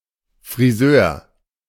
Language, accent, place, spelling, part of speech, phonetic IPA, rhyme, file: German, Germany, Berlin, Frisör, noun, [fʁiˈzøːɐ̯], -øːɐ̯, De-Frisör.ogg
- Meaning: alternative spelling of Friseur